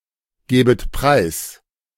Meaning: second-person plural subjunctive I of preisgeben
- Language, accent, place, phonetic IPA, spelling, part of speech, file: German, Germany, Berlin, [ˌɡeːbət ˈpʁaɪ̯s], gebet preis, verb, De-gebet preis.ogg